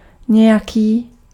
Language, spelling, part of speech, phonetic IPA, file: Czech, nějaký, determiner, [ˈɲɛjakiː], Cs-nějaký.ogg
- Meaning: some (unspecified or unknown)